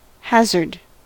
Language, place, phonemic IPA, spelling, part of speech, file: English, California, /ˈhæzɚd/, hazard, noun / verb, En-us-hazard.ogg
- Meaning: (noun) 1. A game of chance played with dice, usually for monetary stakes, popular mainly from 14th c. to 19th c 2. Chance; accident, unpredictability